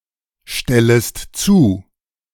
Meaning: second-person singular subjunctive I of zustellen
- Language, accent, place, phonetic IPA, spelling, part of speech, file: German, Germany, Berlin, [ˌʃtɛləst ˈt͡suː], stellest zu, verb, De-stellest zu.ogg